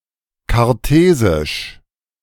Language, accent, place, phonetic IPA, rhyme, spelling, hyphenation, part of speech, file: German, Germany, Berlin, [kaʁˈteːzɪʃ], -eːzɪʃ, kartesisch, kar‧te‧sisch, adjective, De-kartesisch.ogg
- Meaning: Cartesian